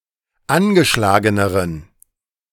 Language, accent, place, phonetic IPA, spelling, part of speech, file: German, Germany, Berlin, [ˈanɡəˌʃlaːɡənəʁən], angeschlageneren, adjective, De-angeschlageneren.ogg
- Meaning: inflection of angeschlagen: 1. strong genitive masculine/neuter singular comparative degree 2. weak/mixed genitive/dative all-gender singular comparative degree